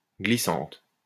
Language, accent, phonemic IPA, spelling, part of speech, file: French, France, /ɡli.sɑ̃t/, glissante, adjective, LL-Q150 (fra)-glissante.wav
- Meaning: feminine singular of glissant